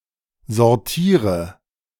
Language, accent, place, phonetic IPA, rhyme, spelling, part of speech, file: German, Germany, Berlin, [zɔʁˈtiːʁə], -iːʁə, sortiere, verb, De-sortiere.ogg
- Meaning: inflection of sortieren: 1. first-person singular present 2. first/third-person singular subjunctive I 3. singular imperative